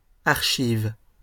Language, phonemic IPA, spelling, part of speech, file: French, /aʁ.ʃiv/, archives, noun / verb, LL-Q150 (fra)-archives.wav
- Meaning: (noun) 1. archive, the historical material (usually documents) considered as a whole 2. place for storing archives 3. plural of archive